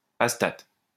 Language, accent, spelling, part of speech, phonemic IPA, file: French, France, astate, noun, /as.tat/, LL-Q150 (fra)-astate.wav
- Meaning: astatine